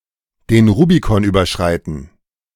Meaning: to cross the Rubicon (to make an irreversible decision)
- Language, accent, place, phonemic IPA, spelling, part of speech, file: German, Germany, Berlin, /den ˈʁuːbikɔn ˌyːbɐˈʃʁaɪ̯tn̩/, den Rubikon überschreiten, verb, De-den Rubikon überschreiten.ogg